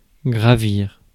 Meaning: to climb up
- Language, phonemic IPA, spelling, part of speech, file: French, /ɡʁa.viʁ/, gravir, verb, Fr-gravir.ogg